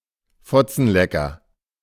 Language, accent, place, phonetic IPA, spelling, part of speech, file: German, Germany, Berlin, [ˈfɔt͡sn̩ˌlɛkɐ], Fotzenlecker, noun, De-Fotzenlecker.ogg
- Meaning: cuntlicker, rug muncher